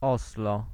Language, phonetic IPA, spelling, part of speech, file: Polish, [ˈɔslɔ], Oslo, proper noun, Pl-Oslo.ogg